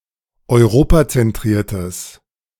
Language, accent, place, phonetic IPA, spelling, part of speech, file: German, Germany, Berlin, [ɔɪ̯ˈʁoːpat͡sɛnˌtʁiːɐ̯təs], europazentriertes, adjective, De-europazentriertes.ogg
- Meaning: strong/mixed nominative/accusative neuter singular of europazentriert